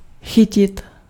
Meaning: 1. to catch 2. to catch hold of, to grasp
- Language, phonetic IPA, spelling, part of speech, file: Czech, [ˈxɪcɪt], chytit, verb, Cs-chytit.ogg